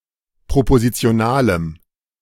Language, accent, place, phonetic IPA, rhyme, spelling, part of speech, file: German, Germany, Berlin, [pʁopozit͡si̯oˈnaːləm], -aːləm, propositionalem, adjective, De-propositionalem.ogg
- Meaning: strong dative masculine/neuter singular of propositional